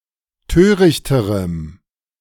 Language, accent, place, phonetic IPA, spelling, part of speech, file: German, Germany, Berlin, [ˈtøːʁɪçtəʁəm], törichterem, adjective, De-törichterem.ogg
- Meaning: strong dative masculine/neuter singular comparative degree of töricht